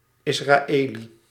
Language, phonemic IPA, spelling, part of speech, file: Dutch, /ˌɪs.raːˈeːli/, Israëli, noun, Nl-Israëli.ogg
- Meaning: an Israeli